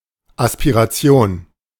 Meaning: 1. aspiration (burst of air that follows the release of some consonants) 2. aspiration (ardent wish or desire)
- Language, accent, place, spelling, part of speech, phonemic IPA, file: German, Germany, Berlin, Aspiration, noun, /ˌaspiʁaˈtsi̯oːn/, De-Aspiration.ogg